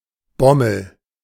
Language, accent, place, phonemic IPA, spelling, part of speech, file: German, Germany, Berlin, /ˈbɔməl/, Bommel, noun, De-Bommel.ogg
- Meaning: bobble (on a cap)